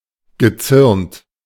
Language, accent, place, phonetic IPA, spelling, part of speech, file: German, Germany, Berlin, [ɡəˈt͡sʏʁnt], gezürnt, verb, De-gezürnt.ogg
- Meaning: past participle of zürnen